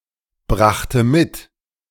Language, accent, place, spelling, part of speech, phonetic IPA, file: German, Germany, Berlin, brachte mit, verb, [ˌbʁaxtə ˈmɪt], De-brachte mit.ogg
- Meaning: first/third-person singular preterite of mitbringen